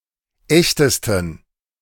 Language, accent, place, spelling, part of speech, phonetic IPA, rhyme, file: German, Germany, Berlin, echtesten, adjective, [ˈɛçtəstn̩], -ɛçtəstn̩, De-echtesten.ogg
- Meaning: 1. superlative degree of echt 2. inflection of echt: strong genitive masculine/neuter singular superlative degree